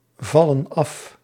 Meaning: inflection of afvallen: 1. plural present indicative 2. plural present subjunctive
- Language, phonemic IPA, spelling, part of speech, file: Dutch, /ˈvɑlə(n) ˈɑf/, vallen af, verb, Nl-vallen af.ogg